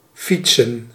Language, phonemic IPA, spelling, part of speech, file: Dutch, /ˈfitsə(n)/, fietsen, verb / noun, Nl-fietsen.ogg
- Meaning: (verb) to ride or cycle a bicycle, to bike; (noun) plural of fiets